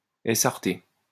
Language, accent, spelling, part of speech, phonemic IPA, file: French, France, essarter, verb, /e.saʁ.te/, LL-Q150 (fra)-essarter.wav
- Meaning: to clear forest land of trees, bushes, etc.; to assart